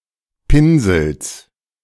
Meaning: genitive singular of Pinsel
- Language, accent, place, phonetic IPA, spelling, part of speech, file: German, Germany, Berlin, [ˈpɪnzl̩s], Pinsels, noun, De-Pinsels.ogg